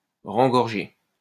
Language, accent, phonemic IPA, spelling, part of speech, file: French, France, /ʁɑ̃.ɡɔʁ.ʒe/, rengorger, verb, LL-Q150 (fra)-rengorger.wav
- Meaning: to be filled with vanity and conceit